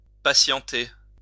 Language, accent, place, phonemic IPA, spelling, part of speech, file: French, France, Lyon, /pa.sjɑ̃.te/, patienter, verb, LL-Q150 (fra)-patienter.wav
- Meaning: 1. to be patient 2. to wait patiently